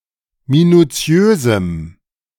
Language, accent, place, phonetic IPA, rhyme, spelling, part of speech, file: German, Germany, Berlin, [minuˈt͡si̯øːzm̩], -øːzm̩, minuziösem, adjective, De-minuziösem.ogg
- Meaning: strong dative masculine/neuter singular of minuziös